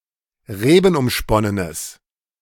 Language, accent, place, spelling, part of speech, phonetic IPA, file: German, Germany, Berlin, rebenumsponnenes, adjective, [ˈʁeːbn̩ʔʊmˌʃpɔnənəs], De-rebenumsponnenes.ogg
- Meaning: strong/mixed nominative/accusative neuter singular of rebenumsponnen